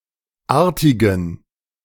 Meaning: inflection of artig: 1. strong genitive masculine/neuter singular 2. weak/mixed genitive/dative all-gender singular 3. strong/weak/mixed accusative masculine singular 4. strong dative plural
- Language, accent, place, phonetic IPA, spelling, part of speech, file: German, Germany, Berlin, [ˈaːɐ̯tɪɡn̩], artigen, adjective, De-artigen.ogg